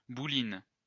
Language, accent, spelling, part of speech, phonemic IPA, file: French, France, bouline, noun, /bu.lin/, LL-Q150 (fra)-bouline.wav
- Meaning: bowline